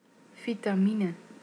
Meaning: vitamin (organic compound essential to human health)
- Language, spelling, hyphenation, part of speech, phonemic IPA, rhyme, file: Dutch, vitamine, vi‧ta‧mi‧ne, noun, /vi.taːˈmi.nə/, -inə, Nl-vitamine.ogg